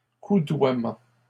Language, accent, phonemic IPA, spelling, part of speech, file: French, Canada, /ku.dwa.mɑ̃/, coudoiement, noun, LL-Q150 (fra)-coudoiement.wav
- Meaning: close contact, elbowing, rubbing shoulders with other people